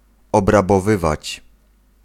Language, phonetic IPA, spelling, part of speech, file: Polish, [ˌɔbrabɔˈvɨvat͡ɕ], obrabowywać, verb, Pl-obrabowywać.ogg